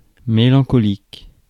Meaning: melancholic
- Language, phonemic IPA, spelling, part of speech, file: French, /me.lɑ̃.kɔ.lik/, mélancolique, adjective, Fr-mélancolique.ogg